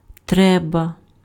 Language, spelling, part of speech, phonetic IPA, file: Ukrainian, треба, noun / adjective, [ˈtrɛbɐ], Uk-треба.ogg
- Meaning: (noun) rite, ceremony (religious); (adjective) used to express necessity: (one) must, (one) has to, (it is) necessary (impersonal, + dative)